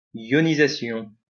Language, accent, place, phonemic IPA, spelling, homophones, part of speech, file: French, France, Lyon, /jɔ.ni.za.sjɔ̃/, ionisation, ionisations, noun, LL-Q150 (fra)-ionisation.wav
- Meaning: ionisation